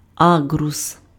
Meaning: gooseberry (plant and fruit)
- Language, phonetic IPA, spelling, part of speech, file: Ukrainian, [ˈaɡrʊs], аґрус, noun, Uk-аґрус.ogg